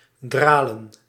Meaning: to dawdle, move slowly, not take action
- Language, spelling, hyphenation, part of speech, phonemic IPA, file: Dutch, dralen, dra‧len, verb, /ˈdraːlə(n)/, Nl-dralen.ogg